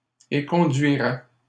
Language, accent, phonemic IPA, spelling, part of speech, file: French, Canada, /e.kɔ̃.dɥi.ʁɛ/, éconduirais, verb, LL-Q150 (fra)-éconduirais.wav
- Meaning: first/second-person singular conditional of éconduire